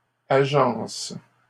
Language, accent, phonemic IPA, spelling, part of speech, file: French, Canada, /a.ʒɑ̃s/, agencent, verb, LL-Q150 (fra)-agencent.wav
- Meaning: third-person plural present indicative/subjunctive of agencer